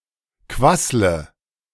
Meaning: inflection of quasseln: 1. first-person singular present 2. singular imperative 3. first/third-person singular subjunctive I
- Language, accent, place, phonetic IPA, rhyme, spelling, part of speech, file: German, Germany, Berlin, [ˈkvaslə], -aslə, quassle, verb, De-quassle.ogg